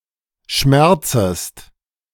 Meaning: second-person singular subjunctive I of schmerzen
- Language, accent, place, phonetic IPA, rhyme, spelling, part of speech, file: German, Germany, Berlin, [ˈʃmɛʁt͡səst], -ɛʁt͡səst, schmerzest, verb, De-schmerzest.ogg